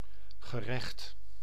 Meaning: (noun) 1. justice; the judiciary 2. court of law 3. a meal, or a dish served alone or part of a meal as a course; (adjective) just, fair, deserved; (verb) past participle of rechten
- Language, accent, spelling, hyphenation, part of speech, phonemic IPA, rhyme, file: Dutch, Netherlands, gerecht, ge‧recht, noun / adjective / verb, /ɣə.ˈrɛxt/, -ɛxt, Nl-gerecht.ogg